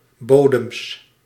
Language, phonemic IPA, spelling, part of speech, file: Dutch, /ˈbodəms/, bodems, noun, Nl-bodems.ogg
- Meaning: plural of bodem